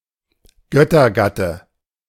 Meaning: husband
- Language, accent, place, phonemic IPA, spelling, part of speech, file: German, Germany, Berlin, /ˈɡœtɐˌɡatə/, Göttergatte, noun, De-Göttergatte.ogg